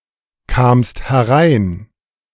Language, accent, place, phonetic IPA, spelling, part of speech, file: German, Germany, Berlin, [ˌkaːmst hɛˈʁaɪ̯n], kamst herein, verb, De-kamst herein.ogg
- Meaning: second-person singular preterite of hereinkommen